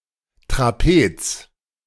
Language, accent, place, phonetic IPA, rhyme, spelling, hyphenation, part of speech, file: German, Germany, Berlin, [tʁaˈpeːt͡s], -eːts, Trapez, Tra‧pez, noun, De-Trapez.ogg
- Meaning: 1. trapeze, trapezium (gymnastics, sailing) 2. trapezium (UK), trapezoid (US) 3. trapezoid (UK), trapezium (US) 4. Trapezium Cluster 5. windsurfing harness